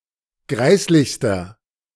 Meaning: inflection of greislich: 1. strong/mixed nominative masculine singular superlative degree 2. strong genitive/dative feminine singular superlative degree 3. strong genitive plural superlative degree
- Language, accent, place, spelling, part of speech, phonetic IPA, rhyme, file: German, Germany, Berlin, greislichster, adjective, [ˈɡʁaɪ̯slɪçstɐ], -aɪ̯slɪçstɐ, De-greislichster.ogg